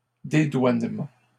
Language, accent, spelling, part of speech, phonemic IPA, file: French, Canada, dédouanement, noun, /de.dwan.mɑ̃/, LL-Q150 (fra)-dédouanement.wav
- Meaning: customs clearance